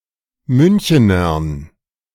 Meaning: dative plural of Münchener
- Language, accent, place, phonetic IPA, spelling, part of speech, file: German, Germany, Berlin, [ˈmʏnçənɐn], Münchenern, noun, De-Münchenern.ogg